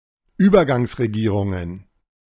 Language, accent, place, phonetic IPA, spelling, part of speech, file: German, Germany, Berlin, [ˈyːbɐɡaŋsʁeˌɡiːʁʊŋən], Übergangsregierungen, noun, De-Übergangsregierungen.ogg
- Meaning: plural of Übergangsregierung